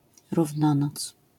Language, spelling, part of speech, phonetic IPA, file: Polish, równonoc, noun, [ruvˈnɔ̃nɔt͡s], LL-Q809 (pol)-równonoc.wav